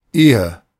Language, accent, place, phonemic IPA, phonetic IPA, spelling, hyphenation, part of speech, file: German, Germany, Berlin, /ˈeːə/, [ˈʔeː.ə], Ehe, Ehe, noun, De-Ehe.ogg
- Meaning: marriage (state of being married; life as a married couple)